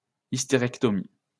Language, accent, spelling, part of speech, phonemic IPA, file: French, France, hystérectomie, noun, /is.te.ʁɛk.tɔ.mi/, LL-Q150 (fra)-hystérectomie.wav
- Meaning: hysterectomy (surgical removal of the uterus or part thereof)